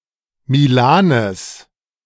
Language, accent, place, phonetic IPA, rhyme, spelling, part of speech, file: German, Germany, Berlin, [miˈlaːnəs], -aːnəs, Milanes, noun, De-Milanes.ogg
- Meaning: genitive singular of Milan